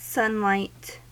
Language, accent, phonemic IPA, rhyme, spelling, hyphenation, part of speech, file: English, US, /ˈsʌnˌlaɪt/, -ʌnlaɪt, sunlight, sun‧light, noun / verb, En-us-sunlight.ogg
- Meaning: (noun) 1. All the electromagnetic radiation given off by the Sun; especially, that in the visible spectrum and that bathes the Earth 2. Brightness, hope; a positive outlook 3. Synonym of sunrise